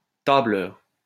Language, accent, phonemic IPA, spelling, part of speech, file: French, France, /ta.blœʁ/, tableur, noun, LL-Q150 (fra)-tableur.wav
- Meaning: spreadsheet (computer application for organization, analysis, and storage of data in tabular form)